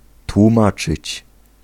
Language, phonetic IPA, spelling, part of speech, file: Polish, [twũˈmat͡ʃɨt͡ɕ], tłumaczyć, verb, Pl-tłumaczyć.ogg